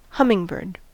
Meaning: Any of various small American birds in the family Trochilidae that have the ability to hover
- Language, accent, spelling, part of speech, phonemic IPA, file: English, US, hummingbird, noun, /ˈhʌmɪŋˌbɜɹd/, En-us-hummingbird.ogg